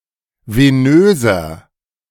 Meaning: inflection of venös: 1. strong/mixed nominative masculine singular 2. strong genitive/dative feminine singular 3. strong genitive plural
- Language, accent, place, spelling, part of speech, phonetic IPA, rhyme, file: German, Germany, Berlin, venöser, adjective, [veˈnøːzɐ], -øːzɐ, De-venöser.ogg